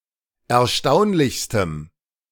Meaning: strong dative masculine/neuter singular superlative degree of erstaunlich
- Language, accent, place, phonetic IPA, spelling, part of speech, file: German, Germany, Berlin, [ɛɐ̯ˈʃtaʊ̯nlɪçstəm], erstaunlichstem, adjective, De-erstaunlichstem.ogg